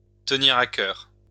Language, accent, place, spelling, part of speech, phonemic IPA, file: French, France, Lyon, tenir à cœur, verb, /tə.niʁ a kœʁ/, LL-Q150 (fra)-tenir à cœur.wav
- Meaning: to be important to, to matter to, to be dear/close to (someone's) heart